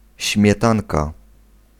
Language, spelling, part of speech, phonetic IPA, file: Polish, śmietanka, noun, [ɕmʲjɛˈtãnka], Pl-śmietanka.ogg